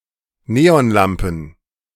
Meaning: plural of Neonlampe
- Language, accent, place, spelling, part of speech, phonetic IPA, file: German, Germany, Berlin, Neonlampen, noun, [ˈneːɔnˌlampn̩], De-Neonlampen.ogg